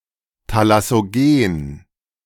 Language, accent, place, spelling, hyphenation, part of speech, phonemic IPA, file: German, Germany, Berlin, thalassogen, tha‧las‧so‧gen, adjective, /talasoˈɡeːn/, De-thalassogen.ogg
- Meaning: thalassogenic